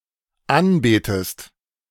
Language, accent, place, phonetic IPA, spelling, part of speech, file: German, Germany, Berlin, [ˈanˌbeːtəst], anbetest, verb, De-anbetest.ogg
- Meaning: inflection of anbeten: 1. second-person singular dependent present 2. second-person singular dependent subjunctive I